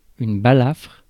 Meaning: gash (on face); scar
- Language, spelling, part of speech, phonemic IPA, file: French, balafre, noun, /ba.lafʁ/, Fr-balafre.ogg